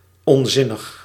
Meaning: 1. nonsensical 2. foolish
- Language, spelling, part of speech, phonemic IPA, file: Dutch, onzinnig, adjective, /ɔnˈzɪnəx/, Nl-onzinnig.ogg